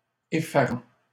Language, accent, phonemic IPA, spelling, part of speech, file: French, Canada, /e.fa.ʁɑ̃/, effarant, verb / adjective, LL-Q150 (fra)-effarant.wav
- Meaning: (verb) present participle of effarer; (adjective) alarming, very worrying